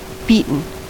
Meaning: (adjective) 1. Defeated 2. Repeatedly struck, or formed or flattened by blows 3. Mixed by paddling with a wooden spoon or other implement 4. Trite; hackneyed; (verb) past participle of beat
- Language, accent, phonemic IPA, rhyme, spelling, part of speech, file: English, US, /ˈbiː.tən/, -iːtən, beaten, adjective / verb, En-us-beaten.ogg